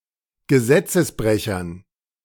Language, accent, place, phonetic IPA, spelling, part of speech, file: German, Germany, Berlin, [ɡəˈzɛt͡səsˌbʁɛçɐn], Gesetzesbrechern, noun, De-Gesetzesbrechern.ogg
- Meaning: dative plural of Gesetzesbrecher